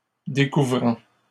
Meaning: present participle of découvrir
- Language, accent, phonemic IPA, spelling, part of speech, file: French, Canada, /de.ku.vʁɑ̃/, découvrant, verb, LL-Q150 (fra)-découvrant.wav